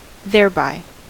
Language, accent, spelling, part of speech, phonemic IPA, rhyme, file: English, US, thereby, adverb, /ðɛɹˈbaɪ/, -aɪ, En-us-thereby.ogg
- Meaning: By it; by that; by that means, or as a consequence of that